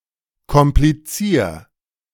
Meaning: 1. singular imperative of komplizieren 2. first-person singular present of komplizieren
- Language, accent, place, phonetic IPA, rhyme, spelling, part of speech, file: German, Germany, Berlin, [kɔmpliˈt͡siːɐ̯], -iːɐ̯, komplizier, verb, De-komplizier.ogg